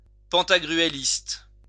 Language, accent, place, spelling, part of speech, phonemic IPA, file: French, France, Lyon, pantagruéliste, adjective / noun, /pɑ̃.ta.ɡʁy.e.list/, LL-Q150 (fra)-pantagruéliste.wav
- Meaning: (adjective) Pantagruelist